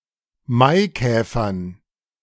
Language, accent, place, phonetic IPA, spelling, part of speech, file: German, Germany, Berlin, [ˈmaɪ̯ˌkɛːfɐn], Maikäfern, noun, De-Maikäfern.ogg
- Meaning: dative plural of Maikäfer